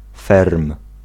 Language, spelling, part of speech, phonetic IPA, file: Polish, ferm, noun, [fɛrm], Pl-ferm.ogg